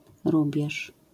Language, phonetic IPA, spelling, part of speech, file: Polish, [ˈrubʲjɛʃ], rubież, noun, LL-Q809 (pol)-rubież.wav